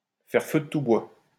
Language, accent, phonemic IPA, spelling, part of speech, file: French, France, /fɛʁ fø də tu bwa/, faire feu de tout bois, verb, LL-Q150 (fra)-faire feu de tout bois.wav
- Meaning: to use all available means, to use everything at one's disposal, to take advantage of every resource in one's environment, to put everything to good use, to be resourceful